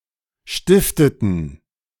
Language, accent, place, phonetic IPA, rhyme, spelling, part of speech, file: German, Germany, Berlin, [ˈʃtɪftətn̩], -ɪftətn̩, stifteten, verb, De-stifteten.ogg
- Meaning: inflection of stiften: 1. first/third-person plural preterite 2. first/third-person plural subjunctive II